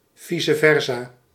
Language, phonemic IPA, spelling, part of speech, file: Dutch, /ˈvisə ˈvɛrsɑ/, vice versa, adverb, Nl-vice versa.ogg
- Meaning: vice versa